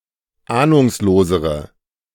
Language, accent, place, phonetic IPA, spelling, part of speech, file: German, Germany, Berlin, [ˈaːnʊŋsloːzəʁə], ahnungslosere, adjective, De-ahnungslosere.ogg
- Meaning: inflection of ahnungslos: 1. strong/mixed nominative/accusative feminine singular comparative degree 2. strong nominative/accusative plural comparative degree